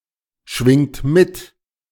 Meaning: inflection of mitschwingen: 1. third-person singular present 2. second-person plural present 3. plural imperative
- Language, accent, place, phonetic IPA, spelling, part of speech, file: German, Germany, Berlin, [ˌʃvɪŋt ˈmɪt], schwingt mit, verb, De-schwingt mit.ogg